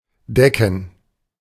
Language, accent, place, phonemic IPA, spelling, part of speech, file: German, Germany, Berlin, /ˈdɛkən/, decken, verb, De-decken.ogg
- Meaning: 1. to cover (a roof, with a blanket, etc.) 2. to cover (e.g. a demand, a loss; but not “to provide news coverage”) 3. to cover (a female animal) 4. to lay or set (the table) 5. to mark